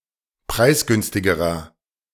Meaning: inflection of preisgünstig: 1. strong/mixed nominative masculine singular comparative degree 2. strong genitive/dative feminine singular comparative degree 3. strong genitive plural comparative degree
- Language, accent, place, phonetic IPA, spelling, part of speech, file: German, Germany, Berlin, [ˈpʁaɪ̯sˌɡʏnstɪɡəʁɐ], preisgünstigerer, adjective, De-preisgünstigerer.ogg